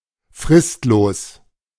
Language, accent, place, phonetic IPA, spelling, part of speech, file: German, Germany, Berlin, [ˈfʁɪstloːs], fristlos, adjective, De-fristlos.ogg
- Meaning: immediate (without prior notice)